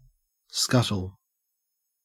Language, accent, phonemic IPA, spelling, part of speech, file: English, Australia, /ˈskʌt.l̩/, scuttle, noun / verb, En-au-scuttle.ogg
- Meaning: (noun) 1. A container like an open bucket (usually to hold and carry coal) 2. A broad, shallow basket 3. A dish, platter or a trencher